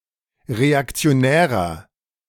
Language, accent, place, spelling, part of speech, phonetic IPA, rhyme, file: German, Germany, Berlin, reaktionärer, adjective, [ʁeakt͡si̯oˈnɛːʁɐ], -ɛːʁɐ, De-reaktionärer.ogg
- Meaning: 1. comparative degree of reaktionär 2. inflection of reaktionär: strong/mixed nominative masculine singular 3. inflection of reaktionär: strong genitive/dative feminine singular